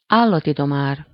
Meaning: animal trainer (a professional who trains animals to perform various tasks, behaviors, or circus and film stunts)
- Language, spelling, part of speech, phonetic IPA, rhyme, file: Hungarian, állatidomár, noun, [ˈaːlːɒtidomaːr], -aːr, Hu-állatidomár.ogg